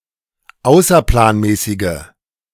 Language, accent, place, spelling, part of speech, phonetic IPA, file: German, Germany, Berlin, außerplanmäßige, adjective, [ˈaʊ̯sɐplaːnˌmɛːsɪɡə], De-außerplanmäßige.ogg
- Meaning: inflection of außerplanmäßig: 1. strong/mixed nominative/accusative feminine singular 2. strong nominative/accusative plural 3. weak nominative all-gender singular